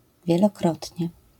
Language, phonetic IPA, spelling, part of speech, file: Polish, [ˌvʲjɛlɔˈkrɔtʲɲɛ], wielokrotnie, adverb, LL-Q809 (pol)-wielokrotnie.wav